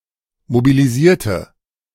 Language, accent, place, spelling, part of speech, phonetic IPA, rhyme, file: German, Germany, Berlin, mobilisierte, adjective / verb, [mobiliˈziːɐ̯tə], -iːɐ̯tə, De-mobilisierte.ogg
- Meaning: inflection of mobilisieren: 1. first/third-person singular preterite 2. first/third-person singular subjunctive II